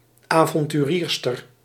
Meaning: female adventurer
- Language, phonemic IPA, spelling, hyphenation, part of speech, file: Dutch, /ˌaː.vɔn.tyˈriːr.stər/, avonturierster, avon‧tu‧rier‧ster, noun, Nl-avonturierster.ogg